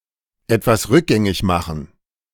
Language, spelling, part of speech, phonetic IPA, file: German, etwas rückgängig machen, phrase, [ˈɛtvas ˈʁʏkˌɡɛŋɪç ˈmaxn̩], De-etwas rückgängig machen.ogg